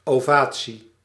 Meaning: ovation
- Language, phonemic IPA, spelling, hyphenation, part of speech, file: Dutch, /ˌoːˈvaː.(t)si/, ovatie, ova‧tie, noun, Nl-ovatie.ogg